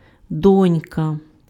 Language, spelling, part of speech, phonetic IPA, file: Ukrainian, донька, noun, [ˈdɔnʲkɐ], Uk-донька.ogg
- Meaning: daughter